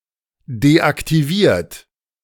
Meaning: 1. past participle of deaktivieren 2. inflection of deaktivieren: third-person singular present 3. inflection of deaktivieren: second-person plural present
- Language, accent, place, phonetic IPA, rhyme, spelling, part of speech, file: German, Germany, Berlin, [deʔaktiˈviːɐ̯t], -iːɐ̯t, deaktiviert, adjective / verb, De-deaktiviert.ogg